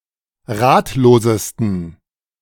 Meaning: 1. superlative degree of ratlos 2. inflection of ratlos: strong genitive masculine/neuter singular superlative degree
- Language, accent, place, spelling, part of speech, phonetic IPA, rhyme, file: German, Germany, Berlin, ratlosesten, adjective, [ˈʁaːtloːzəstn̩], -aːtloːzəstn̩, De-ratlosesten.ogg